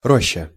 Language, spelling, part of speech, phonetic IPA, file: Russian, роща, noun, [ˈroɕːə], Ru-роща.ogg
- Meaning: grove (a medium-sized collection of trees)